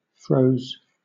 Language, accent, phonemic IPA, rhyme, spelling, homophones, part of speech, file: English, Southern England, /ˈfɹəʊz/, -əʊz, froze, fros, verb, LL-Q1860 (eng)-froze.wav
- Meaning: 1. simple past of freeze 2. past participle of freeze